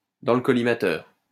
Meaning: in the crosshairs
- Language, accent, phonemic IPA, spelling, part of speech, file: French, France, /dɑ̃ l(ə) kɔ.li.ma.tœʁ/, dans le collimateur, prepositional phrase, LL-Q150 (fra)-dans le collimateur.wav